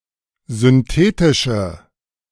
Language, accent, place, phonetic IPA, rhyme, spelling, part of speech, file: German, Germany, Berlin, [zʏnˈteːtɪʃə], -eːtɪʃə, synthetische, adjective, De-synthetische.ogg
- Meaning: inflection of synthetisch: 1. strong/mixed nominative/accusative feminine singular 2. strong nominative/accusative plural 3. weak nominative all-gender singular